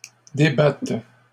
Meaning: first/third-person singular present subjunctive of débattre
- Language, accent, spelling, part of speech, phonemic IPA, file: French, Canada, débatte, verb, /de.bat/, LL-Q150 (fra)-débatte.wav